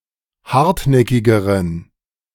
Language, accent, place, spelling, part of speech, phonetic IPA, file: German, Germany, Berlin, hartnäckigeren, adjective, [ˈhaʁtˌnɛkɪɡəʁən], De-hartnäckigeren.ogg
- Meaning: inflection of hartnäckig: 1. strong genitive masculine/neuter singular comparative degree 2. weak/mixed genitive/dative all-gender singular comparative degree